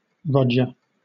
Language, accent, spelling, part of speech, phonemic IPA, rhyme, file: English, Southern England, Rodger, proper noun, /ˈɹɒd͡ʒə(ɹ)/, -ɒdʒə(ɹ), LL-Q1860 (eng)-Rodger.wav
- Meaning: 1. A surname originating as a patronymic derived from Roger 2. A male given name from the Germanic languages; a spelling variant of Roger reinforced by the surname